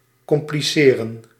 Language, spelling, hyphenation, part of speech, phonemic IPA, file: Dutch, compliceren, com‧pli‧ce‧ren, verb, /kɔmpliˈseːrə(n)/, Nl-compliceren.ogg
- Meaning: to complicate